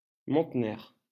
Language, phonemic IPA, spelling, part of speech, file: French, /mɔ̃.ne/, Montner, proper noun, LL-Q150 (fra)-Montner.wav
- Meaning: Montner (a small town and commune of Pyrénées-Orientales department, Occitania, France, historically part of Northern Catalonia)